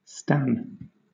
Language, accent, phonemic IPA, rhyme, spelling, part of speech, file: English, Southern England, /stæn/, -æn, stan, noun / verb, LL-Q1860 (eng)-stan.wav
- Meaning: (noun) An extremely obsessive fan of a person, group, character, or creative work, particularly one whose fixation is unhealthy or intrusive; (verb) To act as a stan (for); to be an obsessive fan (of)